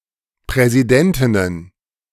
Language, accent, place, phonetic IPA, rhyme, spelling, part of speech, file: German, Germany, Berlin, [pʁɛziˈdɛntɪnən], -ɛntɪnən, Präsidentinnen, noun, De-Präsidentinnen.ogg
- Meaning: plural of Präsidentin